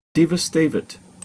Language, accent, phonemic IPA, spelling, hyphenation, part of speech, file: English, Received Pronunciation, /ˌdiːvəˈsteɪvɪt/, devastavit, de‧va‧sta‧vit, noun, En-uk-devastavit.opus
- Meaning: Waste or misapplication of the assets of a deceased person by an executor or administrator; devastation